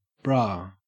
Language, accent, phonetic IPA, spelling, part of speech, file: English, Australia, [bɹɐ̞], bra, noun, En-au-bra.ogg
- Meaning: An item of clothing, usually underwear worn to support the breasts